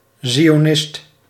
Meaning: Zionism
- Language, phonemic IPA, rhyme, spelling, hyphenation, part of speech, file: Dutch, /ˌzi.oːˈnɪst/, -ɪst, zionist, zi‧o‧nist, noun, Nl-zionist.ogg